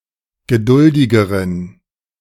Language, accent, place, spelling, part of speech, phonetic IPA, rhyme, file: German, Germany, Berlin, geduldigeren, adjective, [ɡəˈdʊldɪɡəʁən], -ʊldɪɡəʁən, De-geduldigeren.ogg
- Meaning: inflection of geduldig: 1. strong genitive masculine/neuter singular comparative degree 2. weak/mixed genitive/dative all-gender singular comparative degree